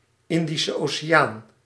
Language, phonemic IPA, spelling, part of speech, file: Dutch, /ˌɪn.di.sə oː.seːˈaːn/, Indische Oceaan, proper noun, Nl-Indische Oceaan.ogg
- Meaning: Indian Ocean (the ocean separating Africa, southern Asia, Oceania and Antarctica)